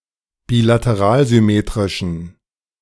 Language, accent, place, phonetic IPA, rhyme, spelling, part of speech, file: German, Germany, Berlin, [biːlatəˈʁaːlzʏˌmeːtʁɪʃn̩], -aːlzʏmeːtʁɪʃn̩, bilateralsymmetrischen, adjective, De-bilateralsymmetrischen.ogg
- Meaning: inflection of bilateralsymmetrisch: 1. strong genitive masculine/neuter singular 2. weak/mixed genitive/dative all-gender singular 3. strong/weak/mixed accusative masculine singular